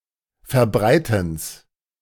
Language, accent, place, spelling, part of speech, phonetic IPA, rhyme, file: German, Germany, Berlin, Verbreitens, noun, [fɛɐ̯ˈbʁaɪ̯tn̩s], -aɪ̯tn̩s, De-Verbreitens.ogg
- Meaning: genitive of Verbreiten